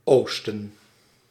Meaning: east (cardinal direction)
- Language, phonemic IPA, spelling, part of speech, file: Dutch, /ˈoːs.tə(n)/, oosten, noun, Nl-oosten.ogg